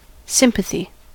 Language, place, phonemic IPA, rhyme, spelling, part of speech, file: English, California, /ˈsɪm.pə.θi/, -ɪmpəθi, sympathy, noun, En-us-sympathy.ogg
- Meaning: A feeling of pity or sorrow for the suffering or distress of another